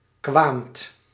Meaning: second-person (gij) singular past indicative of komen
- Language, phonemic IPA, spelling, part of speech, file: Dutch, /kʋamt/, kwaamt, verb, Nl-kwaamt.ogg